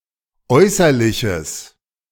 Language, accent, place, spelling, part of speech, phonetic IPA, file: German, Germany, Berlin, äußerliches, adjective, [ˈɔɪ̯sɐlɪçəs], De-äußerliches.ogg
- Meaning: strong/mixed nominative/accusative neuter singular of äußerlich